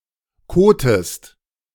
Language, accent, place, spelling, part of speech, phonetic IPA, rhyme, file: German, Germany, Berlin, kotest, verb, [ˈkoːtəst], -oːtəst, De-kotest.ogg
- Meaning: inflection of koten: 1. second-person singular present 2. second-person singular subjunctive I